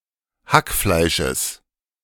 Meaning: genitive singular of Hackfleisch
- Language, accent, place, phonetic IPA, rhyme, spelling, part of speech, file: German, Germany, Berlin, [ˈhakˌflaɪ̯ʃəs], -akflaɪ̯ʃəs, Hackfleisches, noun, De-Hackfleisches.ogg